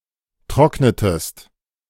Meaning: inflection of trocknen: 1. second-person singular preterite 2. second-person singular subjunctive II
- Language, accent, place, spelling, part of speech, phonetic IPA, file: German, Germany, Berlin, trocknetest, verb, [ˈtʁɔknətəst], De-trocknetest.ogg